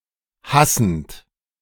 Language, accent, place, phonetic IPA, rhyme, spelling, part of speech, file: German, Germany, Berlin, [ˈhasn̩t], -asn̩t, hassend, verb, De-hassend.ogg
- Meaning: present participle of hassen